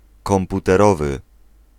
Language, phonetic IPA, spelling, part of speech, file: Polish, [ˌkɔ̃mputɛˈrɔvɨ], komputerowy, adjective, Pl-komputerowy.ogg